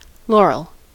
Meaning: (noun) 1. An evergreen shrub of species Laurus nobilis, having aromatic leaves of a lanceolate shape, with clusters of small, yellowish white flowers in their axils 2. A crown of laurel
- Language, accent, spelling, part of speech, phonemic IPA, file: English, US, laurel, noun / verb, /ˈlɔɹ.əl/, En-us-laurel.ogg